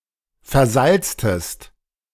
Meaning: inflection of versalzen: 1. second-person singular preterite 2. second-person singular subjunctive II
- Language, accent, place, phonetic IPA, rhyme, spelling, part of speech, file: German, Germany, Berlin, [fɛɐ̯ˈzalt͡stəst], -alt͡stəst, versalztest, verb, De-versalztest.ogg